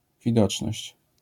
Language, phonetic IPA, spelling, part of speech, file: Polish, [vʲiˈdɔt͡ʃnɔɕt͡ɕ], widoczność, noun, LL-Q809 (pol)-widoczność.wav